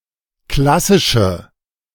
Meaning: inflection of klassisch: 1. strong/mixed nominative/accusative feminine singular 2. strong nominative/accusative plural 3. weak nominative all-gender singular
- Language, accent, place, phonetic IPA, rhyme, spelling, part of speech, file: German, Germany, Berlin, [ˈklasɪʃə], -asɪʃə, klassische, adjective, De-klassische.ogg